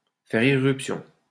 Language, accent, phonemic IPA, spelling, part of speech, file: French, France, /fɛʁ i.ʁyp.sjɔ̃/, faire irruption, verb, LL-Q150 (fra)-faire irruption.wav
- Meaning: to barge in, to burst in